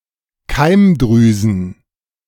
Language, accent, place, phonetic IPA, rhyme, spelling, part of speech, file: German, Germany, Berlin, [ˈkaɪ̯mˌdʁyːzn̩], -aɪ̯mdʁyːzn̩, Keimdrüsen, noun, De-Keimdrüsen.ogg
- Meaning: plural of Keimdrüse